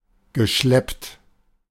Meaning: past participle of schleppen
- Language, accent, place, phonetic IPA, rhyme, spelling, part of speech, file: German, Germany, Berlin, [ɡəˈʃlɛpt], -ɛpt, geschleppt, verb, De-geschleppt.ogg